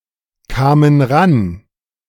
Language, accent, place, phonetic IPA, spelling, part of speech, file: German, Germany, Berlin, [ˌkaːmən ˈʁan], kamen ran, verb, De-kamen ran.ogg
- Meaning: first/third-person plural preterite of rankommen